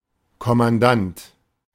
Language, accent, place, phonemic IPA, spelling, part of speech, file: German, Germany, Berlin, /kɔmanˈdant/, Kommandant, noun, De-Kommandant.ogg
- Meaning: 1. commander (of small or medium-sized units) 2. commander (of any unit)